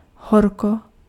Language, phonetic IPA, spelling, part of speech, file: Czech, [ˈɦorko], horko, adverb / noun, Cs-horko.ogg
- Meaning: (adverb) hot (of weather); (noun) 1. heat 2. vocative singular of horka